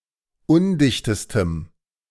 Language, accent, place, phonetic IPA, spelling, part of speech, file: German, Germany, Berlin, [ˈʊndɪçtəstəm], undichtestem, adjective, De-undichtestem.ogg
- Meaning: strong dative masculine/neuter singular superlative degree of undicht